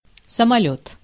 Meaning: airplane, aircraft
- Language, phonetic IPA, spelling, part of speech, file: Russian, [səmɐˈlʲɵt], самолёт, noun, Ru-самолёт.ogg